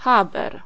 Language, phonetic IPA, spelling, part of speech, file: Polish, [ˈxabɛr], chaber, noun, Pl-chaber.ogg